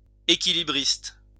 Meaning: balance artist (entertainer who performs balances)
- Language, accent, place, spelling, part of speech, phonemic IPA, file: French, France, Lyon, équilibriste, noun, /e.ki.li.bʁist/, LL-Q150 (fra)-équilibriste.wav